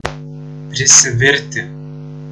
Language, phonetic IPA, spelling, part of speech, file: Lithuanian, [prʲɪsʲɪˈvʲɪrʲ tʲɪ], prisivirti, verb, Lt-prisivirti.ogg